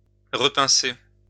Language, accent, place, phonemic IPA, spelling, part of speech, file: French, France, Lyon, /ʁə.pɛ̃.se/, repincer, verb, LL-Q150 (fra)-repincer.wav
- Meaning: to pinch again